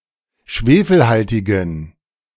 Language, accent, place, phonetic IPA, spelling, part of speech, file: German, Germany, Berlin, [ˈʃveːfl̩ˌhaltɪɡn̩], schwefelhaltigen, adjective, De-schwefelhaltigen.ogg
- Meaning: inflection of schwefelhaltig: 1. strong genitive masculine/neuter singular 2. weak/mixed genitive/dative all-gender singular 3. strong/weak/mixed accusative masculine singular 4. strong dative plural